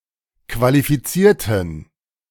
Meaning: inflection of qualifizieren: 1. first/third-person plural preterite 2. first/third-person plural subjunctive II
- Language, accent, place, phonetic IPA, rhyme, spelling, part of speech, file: German, Germany, Berlin, [kvalifiˈt͡siːɐ̯tn̩], -iːɐ̯tn̩, qualifizierten, adjective / verb, De-qualifizierten.ogg